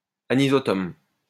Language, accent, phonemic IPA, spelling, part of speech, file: French, France, /a.ni.zɔ.tɔm/, anisotome, adjective, LL-Q150 (fra)-anisotome.wav
- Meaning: anisotomous